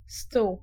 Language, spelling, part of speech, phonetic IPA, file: Polish, stół, noun, [stuw], Pl-stół.ogg